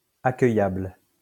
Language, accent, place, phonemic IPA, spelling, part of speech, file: French, France, Lyon, /a.kœ.jabl/, accueillable, adjective, LL-Q150 (fra)-accueillable.wav
- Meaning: accommodatable